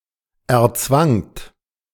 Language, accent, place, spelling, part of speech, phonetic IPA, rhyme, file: German, Germany, Berlin, erzwangt, verb, [ɛɐ̯ˈt͡svaŋt], -aŋt, De-erzwangt.ogg
- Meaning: second-person plural preterite of erzwingen